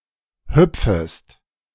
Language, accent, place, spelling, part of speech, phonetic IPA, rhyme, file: German, Germany, Berlin, hüpfest, verb, [ˈhʏp͡fəst], -ʏp͡fəst, De-hüpfest.ogg
- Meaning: second-person singular subjunctive I of hüpfen